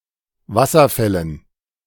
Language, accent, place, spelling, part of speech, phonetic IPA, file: German, Germany, Berlin, Wasserfällen, noun, [ˈvasɐˌfɛlən], De-Wasserfällen.ogg
- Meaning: dative plural of Wasserfall